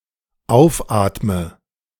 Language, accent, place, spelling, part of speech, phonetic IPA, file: German, Germany, Berlin, aufatme, verb, [ˈaʊ̯fˌʔaːtmə], De-aufatme.ogg
- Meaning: inflection of aufatmen: 1. first-person singular dependent present 2. first/third-person singular dependent subjunctive I